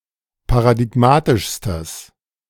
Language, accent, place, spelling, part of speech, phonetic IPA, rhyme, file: German, Germany, Berlin, paradigmatischstes, adjective, [paʁadɪˈɡmaːtɪʃstəs], -aːtɪʃstəs, De-paradigmatischstes.ogg
- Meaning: strong/mixed nominative/accusative neuter singular superlative degree of paradigmatisch